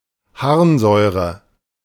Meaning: uric acid
- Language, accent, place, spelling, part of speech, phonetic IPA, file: German, Germany, Berlin, Harnsäure, noun, [ˈhaʁnˌzɔɪ̯ʁə], De-Harnsäure.ogg